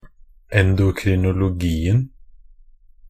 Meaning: definite singular of endokrinologi
- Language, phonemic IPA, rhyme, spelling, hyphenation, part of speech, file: Norwegian Bokmål, /ɛndʊkrɪnʊlʊˈɡiːn̩/, -iːn̩, endokrinologien, en‧do‧kri‧no‧lo‧gi‧en, noun, Nb-endokrinologien.ogg